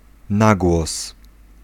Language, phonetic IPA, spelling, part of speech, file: Polish, [ˈnaɡwɔs], nagłos, noun, Pl-nagłos.ogg